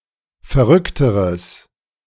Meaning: strong/mixed nominative/accusative neuter singular comparative degree of verrückt
- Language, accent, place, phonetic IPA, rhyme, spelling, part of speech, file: German, Germany, Berlin, [fɛɐ̯ˈʁʏktəʁəs], -ʏktəʁəs, verrückteres, adjective, De-verrückteres.ogg